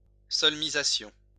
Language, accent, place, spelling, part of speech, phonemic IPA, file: French, France, Lyon, solmisation, noun, /sɔl.mi.za.sjɔ̃/, LL-Q150 (fra)-solmisation.wav
- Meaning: solmisation